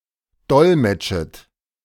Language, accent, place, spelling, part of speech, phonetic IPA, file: German, Germany, Berlin, dolmetschet, verb, [ˈdɔlmɛt͡ʃət], De-dolmetschet.ogg
- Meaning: second-person plural subjunctive I of dolmetschen